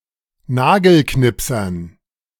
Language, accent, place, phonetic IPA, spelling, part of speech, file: German, Germany, Berlin, [ˈnaːɡl̩ˌknɪpsɐn], Nagelknipsern, noun, De-Nagelknipsern.ogg
- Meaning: dative plural of Nagelknipser